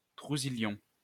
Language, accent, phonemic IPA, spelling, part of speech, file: French, France, /tʁu.zi.ljɔ̃/, trouzillion, noun, LL-Q150 (fra)-trouzillion.wav
- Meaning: gazillion